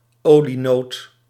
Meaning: a peanut
- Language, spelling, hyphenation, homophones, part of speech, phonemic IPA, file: Dutch, olienoot, olie‧noot, olienood, noun, /ˈoː.liˌnoːt/, Nl-olienoot.ogg